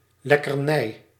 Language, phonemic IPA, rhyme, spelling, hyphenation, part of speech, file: Dutch, /ˌlɛkərˈnɛi̯/, -ɛi̯, lekkernij, lek‧ker‧nij, noun, Nl-lekkernij.ogg
- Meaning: delicacy, snack, treat (pleasing food)